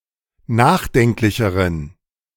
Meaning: inflection of nachdenklich: 1. strong genitive masculine/neuter singular comparative degree 2. weak/mixed genitive/dative all-gender singular comparative degree
- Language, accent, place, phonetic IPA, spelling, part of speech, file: German, Germany, Berlin, [ˈnaːxˌdɛŋklɪçəʁən], nachdenklicheren, adjective, De-nachdenklicheren.ogg